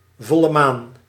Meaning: full moon
- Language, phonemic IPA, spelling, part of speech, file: Dutch, /ˌvɔ.lə ˈmaːn/, volle maan, noun, Nl-volle maan.ogg